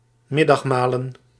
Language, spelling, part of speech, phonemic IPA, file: Dutch, middagmalen, verb / noun, /ˈmɪdɑxmalən/, Nl-middagmalen.ogg
- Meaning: plural of middagmaal